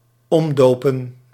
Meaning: 1. to rename 2. to repurpose, to convert
- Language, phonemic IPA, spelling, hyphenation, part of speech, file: Dutch, /ˈɔmˌdoː.pə(n)/, omdopen, om‧do‧pen, verb, Nl-omdopen.ogg